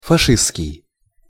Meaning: fascist
- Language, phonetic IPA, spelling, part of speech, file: Russian, [fɐˈʂɨst͡skʲɪj], фашистский, adjective, Ru-фашистский.ogg